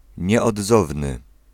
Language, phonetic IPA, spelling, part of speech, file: Polish, [ˌɲɛɔdˈzɔvnɨ], nieodzowny, adjective, Pl-nieodzowny.ogg